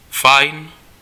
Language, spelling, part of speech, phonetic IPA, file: Czech, fajn, adjective / adverb, [ˈfajn], Cs-fajn.ogg
- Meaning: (adjective) 1. nice 2. attractive; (adverb) well